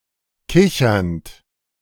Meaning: present participle of kichern
- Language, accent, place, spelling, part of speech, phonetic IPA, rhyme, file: German, Germany, Berlin, kichernd, verb, [ˈkɪçɐnt], -ɪçɐnt, De-kichernd.ogg